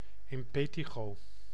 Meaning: impetigo
- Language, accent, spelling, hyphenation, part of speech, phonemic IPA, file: Dutch, Netherlands, impetigo, im‧pe‧ti‧go, noun, /ɪmˈpeː.ti.ɣoː/, Nl-impetigo.ogg